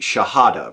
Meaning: The Islamic declaration of belief in the unity of God, the formal content of which is the kalima (a minimal Islamic creed); the first of the five pillars of Islam
- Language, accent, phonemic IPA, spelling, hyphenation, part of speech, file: English, US, /ʃɑˈhɑdə/, shahada, sha‧ha‧da, noun, En-us-shahada.ogg